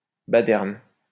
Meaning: fogey
- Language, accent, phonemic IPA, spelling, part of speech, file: French, France, /ba.dɛʁn/, baderne, noun, LL-Q150 (fra)-baderne.wav